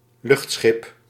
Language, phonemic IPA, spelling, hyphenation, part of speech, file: Dutch, /ˈlʏxt.sxɪp/, luchtschip, lucht‧schip, noun, Nl-luchtschip.ogg
- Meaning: airship